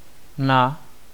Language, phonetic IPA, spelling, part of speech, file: Czech, [ˈna], na, preposition, Cs-na.ogg
- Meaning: 1. on, onto (direction) 2. on (location) 3. to (direction; used only with certain places; do + genitive is more common) 4. at, in (location; used only with certain places; v is more common)